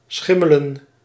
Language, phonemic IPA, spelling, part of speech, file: Dutch, /ˈsxɪmələ(n)/, schimmelen, verb, Nl-schimmelen.ogg
- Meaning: to become mouldy